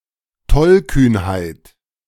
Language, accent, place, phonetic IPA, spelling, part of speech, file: German, Germany, Berlin, [ˈtɔlkyːnhaɪ̯t], Tollkühnheit, noun, De-Tollkühnheit.ogg
- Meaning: foolhardiness